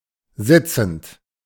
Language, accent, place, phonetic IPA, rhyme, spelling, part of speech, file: German, Germany, Berlin, [ˈzɪt͡sn̩t], -ɪt͡sn̩t, sitzend, verb, De-sitzend.ogg
- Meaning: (verb) present participle of sitzen; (adjective) 1. sitting, seated 2. sedentary